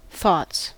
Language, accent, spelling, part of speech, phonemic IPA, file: English, US, thoughts, noun, /θɔts/, En-us-thoughts.ogg
- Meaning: plural of thought